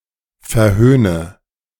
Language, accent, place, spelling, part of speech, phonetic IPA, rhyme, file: German, Germany, Berlin, verhöhne, verb, [fɛɐ̯ˈhøːnə], -øːnə, De-verhöhne.ogg
- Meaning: inflection of verhöhnen: 1. first-person singular present 2. first/third-person singular subjunctive I 3. singular imperative